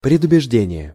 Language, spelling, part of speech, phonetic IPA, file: Russian, предубеждение, noun, [prʲɪdʊbʲɪʐˈdʲenʲɪje], Ru-предубеждение.ogg
- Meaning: prejudice, bias